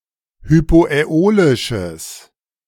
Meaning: strong/mixed nominative/accusative neuter singular of hypoäolisch
- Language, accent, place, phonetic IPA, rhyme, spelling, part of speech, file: German, Germany, Berlin, [hypoʔɛˈoːlɪʃəs], -oːlɪʃəs, hypoäolisches, adjective, De-hypoäolisches.ogg